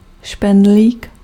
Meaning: 1. pin (needle-like device with no eye and a head) 2. Prunus domestica ssp. insititia var. pomariorum
- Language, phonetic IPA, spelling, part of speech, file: Czech, [ˈʃpɛndliːk], špendlík, noun, Cs-špendlík.ogg